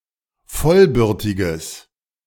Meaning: strong/mixed nominative/accusative neuter singular of vollbürtig
- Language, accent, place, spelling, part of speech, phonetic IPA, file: German, Germany, Berlin, vollbürtiges, adjective, [ˈfɔlˌbʏʁtɪɡəs], De-vollbürtiges.ogg